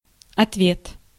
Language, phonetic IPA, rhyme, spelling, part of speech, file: Russian, [ɐtˈvʲet], -et, ответ, noun, Ru-ответ.ogg
- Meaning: 1. answer, reply, response 2. responsibility 3. Otvet (Russian anti-submarine missile)